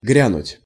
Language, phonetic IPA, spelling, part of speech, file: Russian, [ˈɡrʲanʊtʲ], грянуть, verb, Ru-грянуть.ogg
- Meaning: 1. to break out, to burst out, to burst forth 2. to strike up